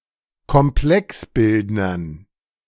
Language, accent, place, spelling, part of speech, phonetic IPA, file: German, Germany, Berlin, Komplexbildnern, noun, [kɔmˈplɛksˌbɪldnɐn], De-Komplexbildnern.ogg
- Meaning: dative plural of Komplexbildner